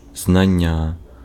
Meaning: knowledge
- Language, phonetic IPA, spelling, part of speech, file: Ukrainian, [znɐˈnʲːa], знання, noun, Uk-знання.ogg